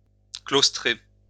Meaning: to confine
- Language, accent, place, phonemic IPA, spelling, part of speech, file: French, France, Lyon, /klos.tʁe/, claustrer, verb, LL-Q150 (fra)-claustrer.wav